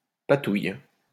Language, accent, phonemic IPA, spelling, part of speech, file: French, France, /pa.tuj/, patouille, noun, LL-Q150 (fra)-patouille.wav
- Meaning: mud, muck, mire